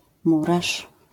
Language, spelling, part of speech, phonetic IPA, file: Polish, murarz, noun, [ˈmuraʃ], LL-Q809 (pol)-murarz.wav